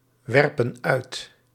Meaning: inflection of uitwerpen: 1. plural present indicative 2. plural present subjunctive
- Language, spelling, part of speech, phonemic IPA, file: Dutch, werpen uit, verb, /ˈwɛrpə(n) ˈœyt/, Nl-werpen uit.ogg